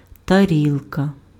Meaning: 1. plate, dish 2. cymbal
- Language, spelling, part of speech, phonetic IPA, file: Ukrainian, тарілка, noun, [tɐˈrʲiɫkɐ], Uk-тарілка.ogg